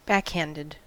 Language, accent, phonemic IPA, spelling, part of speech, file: English, US, /ˈbækˌhændəd/, backhanded, adjective / verb / adverb, En-us-backhanded.ogg
- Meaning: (adjective) 1. With the back of the hand 2. Involving a backward flip of the hand 3. Insincere, sarcastic, ironic, or self-contradictory 4. Indirect 5. Backwards, turned around